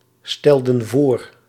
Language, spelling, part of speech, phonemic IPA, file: Dutch, stelden voor, verb, /ˈstɛldə(n) ˈvor/, Nl-stelden voor.ogg
- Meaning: inflection of voorstellen: 1. plural past indicative 2. plural past subjunctive